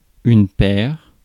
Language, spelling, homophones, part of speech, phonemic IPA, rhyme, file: French, paire, perds / perd / père, adjective / noun, /pɛʁ/, -ɛʁ, Fr-paire.ogg
- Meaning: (adjective) feminine singular of pair; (noun) a pair; a couple